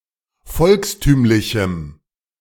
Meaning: strong dative masculine/neuter singular of volkstümlich
- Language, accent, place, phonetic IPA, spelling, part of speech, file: German, Germany, Berlin, [ˈfɔlksˌtyːmlɪçm̩], volkstümlichem, adjective, De-volkstümlichem.ogg